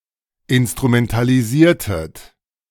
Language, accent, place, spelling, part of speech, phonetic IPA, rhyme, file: German, Germany, Berlin, instrumentalisiertet, verb, [ɪnstʁumɛntaliˈziːɐ̯tət], -iːɐ̯tət, De-instrumentalisiertet.ogg
- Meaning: inflection of instrumentalisieren: 1. second-person plural preterite 2. second-person plural subjunctive II